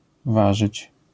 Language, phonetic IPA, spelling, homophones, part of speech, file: Polish, [ˈvaʒɨt͡ɕ], warzyć, ważyć, verb, LL-Q809 (pol)-warzyć.wav